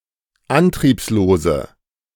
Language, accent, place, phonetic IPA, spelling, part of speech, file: German, Germany, Berlin, [ˈantʁiːpsloːzə], antriebslose, adjective, De-antriebslose.ogg
- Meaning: inflection of antriebslos: 1. strong/mixed nominative/accusative feminine singular 2. strong nominative/accusative plural 3. weak nominative all-gender singular